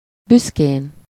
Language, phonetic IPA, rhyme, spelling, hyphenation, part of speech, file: Hungarian, [ˈbyskeːn], -eːn, büszkén, büsz‧kén, adverb / adjective / noun, Hu-büszkén.ogg
- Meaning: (adverb) proudly; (adjective) superessive singular of büszke